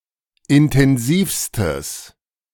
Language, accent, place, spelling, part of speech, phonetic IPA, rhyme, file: German, Germany, Berlin, intensivstes, adjective, [ɪntɛnˈziːfstəs], -iːfstəs, De-intensivstes.ogg
- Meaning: strong/mixed nominative/accusative neuter singular superlative degree of intensiv